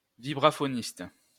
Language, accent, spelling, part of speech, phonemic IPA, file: French, France, vibraphoniste, noun, /vi.bʁa.fɔ.nist/, LL-Q150 (fra)-vibraphoniste.wav
- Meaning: vibraphonist